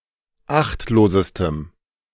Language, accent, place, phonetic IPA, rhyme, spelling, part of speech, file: German, Germany, Berlin, [ˈaxtloːzəstəm], -axtloːzəstəm, achtlosestem, adjective, De-achtlosestem.ogg
- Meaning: strong dative masculine/neuter singular superlative degree of achtlos